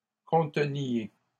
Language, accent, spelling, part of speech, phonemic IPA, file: French, Canada, conteniez, verb, /kɔ̃.tə.nje/, LL-Q150 (fra)-conteniez.wav
- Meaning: inflection of contenir: 1. second-person plural imperfect indicative 2. second-person plural present subjunctive